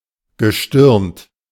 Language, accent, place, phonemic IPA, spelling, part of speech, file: German, Germany, Berlin, /ɡəˈʃtɪʁnt/, gestirnt, adjective, De-gestirnt.ogg
- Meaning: starry